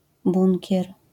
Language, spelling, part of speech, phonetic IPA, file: Polish, bunkier, noun, [ˈbũŋʲcɛr], LL-Q809 (pol)-bunkier.wav